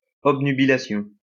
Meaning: 1. perception of objects as if seen through a cloud, dazzlement, obnubilation 2. a disorder of consciousness characterised by slowed and obscured thought, obnubilation
- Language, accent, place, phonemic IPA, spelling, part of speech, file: French, France, Lyon, /ɔb.ny.bi.la.sjɔ̃/, obnubilation, noun, LL-Q150 (fra)-obnubilation.wav